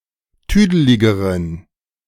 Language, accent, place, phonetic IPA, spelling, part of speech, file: German, Germany, Berlin, [ˈtyːdəlɪɡəʁən], tüdeligeren, adjective, De-tüdeligeren.ogg
- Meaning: inflection of tüdelig: 1. strong genitive masculine/neuter singular comparative degree 2. weak/mixed genitive/dative all-gender singular comparative degree